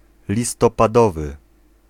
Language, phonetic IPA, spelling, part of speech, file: Polish, [ˌlʲistɔpaˈdɔvɨ], listopadowy, adjective, Pl-listopadowy.ogg